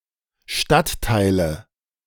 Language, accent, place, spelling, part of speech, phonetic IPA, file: German, Germany, Berlin, Stadtteile, noun, [ˈʃtatˌtaɪ̯lə], De-Stadtteile.ogg
- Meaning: nominative/accusative/genitive plural of Stadtteil